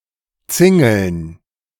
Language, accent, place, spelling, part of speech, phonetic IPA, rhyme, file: German, Germany, Berlin, Zingeln, noun, [ˈt͡sɪŋl̩n], -ɪŋl̩n, De-Zingeln.ogg
- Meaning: dative plural of Zingel